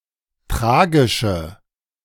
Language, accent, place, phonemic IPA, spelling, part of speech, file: German, Germany, Berlin, /ˈtʁaːɡɪʃə/, tragische, adjective, De-tragische.ogg
- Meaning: inflection of tragisch: 1. strong/mixed nominative/accusative feminine singular 2. strong nominative/accusative plural 3. weak nominative all-gender singular